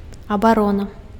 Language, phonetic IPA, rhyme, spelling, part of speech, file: Belarusian, [abaˈrona], -ona, абарона, noun, Be-абарона.ogg
- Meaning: defence, protection